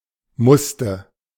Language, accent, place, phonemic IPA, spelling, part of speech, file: German, Germany, Berlin, /ˈmʊstə/, musste, verb, De-musste.ogg
- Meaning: first/third-person singular preterite of müssen